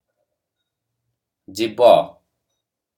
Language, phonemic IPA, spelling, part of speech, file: Odia, /d͡ʒibɔ/, ଜୀବ, noun, Or-ଜୀବ.oga
- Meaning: 1. life 2. living being